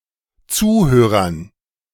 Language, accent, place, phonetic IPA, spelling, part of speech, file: German, Germany, Berlin, [ˈt͡suːˌhøːʁɐn], Zuhörern, noun, De-Zuhörern.ogg
- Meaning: dative plural of Zuhörer